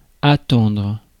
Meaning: 1. to wait for, to await 2. to expect 3. alternative form of entendre, to hear
- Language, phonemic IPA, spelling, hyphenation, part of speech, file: French, /a.tɑ̃dʁ/, attendre, at‧tendre, verb, Fr-attendre.ogg